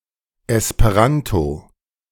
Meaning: Esperanto
- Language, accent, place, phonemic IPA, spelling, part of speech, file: German, Germany, Berlin, /ˌɛspəˈʁanto/, Esperanto, proper noun, De-Esperanto2.ogg